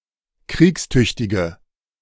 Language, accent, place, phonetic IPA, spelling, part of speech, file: German, Germany, Berlin, [ˈkʁiːksˌtʏçtɪɡə], kriegstüchtige, adjective, De-kriegstüchtige.ogg
- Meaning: inflection of kriegstüchtig: 1. strong/mixed nominative/accusative feminine singular 2. strong nominative/accusative plural 3. weak nominative all-gender singular